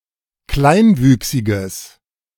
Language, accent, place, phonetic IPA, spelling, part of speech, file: German, Germany, Berlin, [ˈklaɪ̯nˌvyːksɪɡəs], kleinwüchsiges, adjective, De-kleinwüchsiges.ogg
- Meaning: strong/mixed nominative/accusative neuter singular of kleinwüchsig